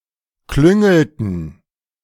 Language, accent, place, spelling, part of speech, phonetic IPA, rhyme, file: German, Germany, Berlin, klüngelten, verb, [ˈklʏŋl̩tn̩], -ʏŋl̩tn̩, De-klüngelten.ogg
- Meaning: inflection of klüngeln: 1. first/third-person plural preterite 2. first/third-person plural subjunctive II